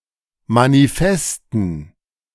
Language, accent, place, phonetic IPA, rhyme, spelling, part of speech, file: German, Germany, Berlin, [maniˈfɛstn̩], -ɛstn̩, Manifesten, noun, De-Manifesten.ogg
- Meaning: dative plural of Manifest